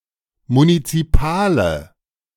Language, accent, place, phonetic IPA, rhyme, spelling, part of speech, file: German, Germany, Berlin, [munit͡siˈpaːlə], -aːlə, munizipale, adjective, De-munizipale.ogg
- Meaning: inflection of munizipal: 1. strong/mixed nominative/accusative feminine singular 2. strong nominative/accusative plural 3. weak nominative all-gender singular